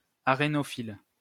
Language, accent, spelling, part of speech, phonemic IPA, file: French, France, arénophile, adjective, /a.ʁe.nɔ.fil/, LL-Q150 (fra)-arénophile.wav
- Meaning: arenophilic